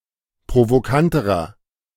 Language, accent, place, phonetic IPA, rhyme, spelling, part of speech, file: German, Germany, Berlin, [pʁovoˈkantəʁɐ], -antəʁɐ, provokanterer, adjective, De-provokanterer.ogg
- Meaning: inflection of provokant: 1. strong/mixed nominative masculine singular comparative degree 2. strong genitive/dative feminine singular comparative degree 3. strong genitive plural comparative degree